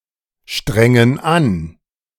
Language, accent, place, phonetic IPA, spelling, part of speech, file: German, Germany, Berlin, [ˌʃtʁɛŋən ˈan], strengen an, verb, De-strengen an.ogg
- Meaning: inflection of anstrengen: 1. first/third-person plural present 2. first/third-person plural subjunctive I